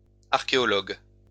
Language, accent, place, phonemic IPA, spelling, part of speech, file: French, France, Lyon, /aʁ.ke.ɔ.lɔɡ/, archéologues, noun, LL-Q150 (fra)-archéologues.wav
- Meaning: plural of archéologue